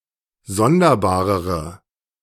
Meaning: inflection of sonderbar: 1. strong/mixed nominative/accusative feminine singular comparative degree 2. strong nominative/accusative plural comparative degree
- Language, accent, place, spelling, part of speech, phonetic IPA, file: German, Germany, Berlin, sonderbarere, adjective, [ˈzɔndɐˌbaːʁəʁə], De-sonderbarere.ogg